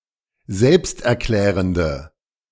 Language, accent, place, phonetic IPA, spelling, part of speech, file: German, Germany, Berlin, [ˈzɛlpstʔɛɐ̯ˌklɛːʁəndə], selbsterklärende, adjective, De-selbsterklärende.ogg
- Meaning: inflection of selbsterklärend: 1. strong/mixed nominative/accusative feminine singular 2. strong nominative/accusative plural 3. weak nominative all-gender singular